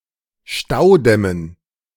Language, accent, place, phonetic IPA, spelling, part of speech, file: German, Germany, Berlin, [ˈʃtaʊ̯ˌdɛmən], Staudämmen, noun, De-Staudämmen.ogg
- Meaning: dative plural of Staudamm